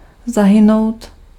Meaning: to perish (to die; to cease to live)
- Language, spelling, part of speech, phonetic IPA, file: Czech, zahynout, verb, [ˈzaɦɪnou̯t], Cs-zahynout.ogg